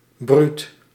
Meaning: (adjective) 1. brutish, rough 2. brutal, fierce; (noun) brute, ruffian
- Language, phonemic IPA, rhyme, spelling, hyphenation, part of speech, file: Dutch, /bryt/, -yt, bruut, bruut, adjective / noun, Nl-bruut.ogg